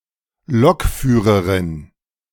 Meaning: clipping of Lokomotivführerin (train driver) (female)
- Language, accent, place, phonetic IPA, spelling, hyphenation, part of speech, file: German, Germany, Berlin, [ˈlɔkˌfyːʁəʁɪn], Lokführerin, Lok‧füh‧re‧rin, noun, De-Lokführerin.ogg